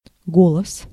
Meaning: 1. voice 2. voice, word, remark, opinion 3. vote
- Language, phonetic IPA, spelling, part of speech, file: Russian, [ˈɡoɫəs], голос, noun, Ru-голос.ogg